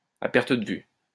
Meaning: as far as the eye can see, until out of sight
- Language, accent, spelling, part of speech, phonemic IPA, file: French, France, à perte de vue, adverb, /a pɛʁ.t(ə) də vy/, LL-Q150 (fra)-à perte de vue.wav